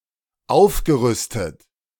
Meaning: past participle of aufrüsten
- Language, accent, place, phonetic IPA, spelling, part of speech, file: German, Germany, Berlin, [ˈaʊ̯fɡəˌʁʏstət], aufgerüstet, verb, De-aufgerüstet.ogg